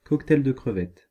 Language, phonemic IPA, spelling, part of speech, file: French, /kɔk.tɛl də kʁə.vɛt/, cocktail de crevettes, noun, Fr-cocktail de crevettes.ogg
- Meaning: prawn cocktail